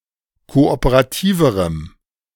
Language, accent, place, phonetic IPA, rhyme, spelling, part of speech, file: German, Germany, Berlin, [ˌkoʔopəʁaˈtiːvəʁəm], -iːvəʁəm, kooperativerem, adjective, De-kooperativerem.ogg
- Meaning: strong dative masculine/neuter singular comparative degree of kooperativ